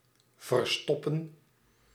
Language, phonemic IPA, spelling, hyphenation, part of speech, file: Dutch, /vərˈstɔ.pə(n)/, verstoppen, ver‧stop‧pen, verb, Nl-verstoppen.ogg
- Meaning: 1. to hide, conceal. Also reflexive 2. to clog